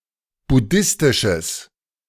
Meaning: strong/mixed nominative/accusative neuter singular of buddhistisch
- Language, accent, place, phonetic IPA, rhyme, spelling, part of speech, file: German, Germany, Berlin, [bʊˈdɪstɪʃəs], -ɪstɪʃəs, buddhistisches, adjective, De-buddhistisches.ogg